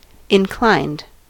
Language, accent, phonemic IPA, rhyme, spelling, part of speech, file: English, US, /ɪnˈklaɪnd/, -aɪnd, inclined, adjective / verb, En-us-inclined.ogg
- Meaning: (adjective) 1. At an angle to the horizontal; slanted or sloped 2. Having a tendency, preference, likelihood, or disposition; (verb) simple past and past participle of incline